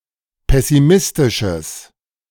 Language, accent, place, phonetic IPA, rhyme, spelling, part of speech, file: German, Germany, Berlin, [ˌpɛsiˈmɪstɪʃəs], -ɪstɪʃəs, pessimistisches, adjective, De-pessimistisches.ogg
- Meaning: strong/mixed nominative/accusative neuter singular of pessimistisch